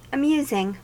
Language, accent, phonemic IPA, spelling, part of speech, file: English, US, /əˈmjuːzɪŋ/, amusing, verb / adjective, En-us-amusing.ogg
- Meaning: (verb) present participle and gerund of amuse; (adjective) 1. Entertaining 2. Funny, hilarious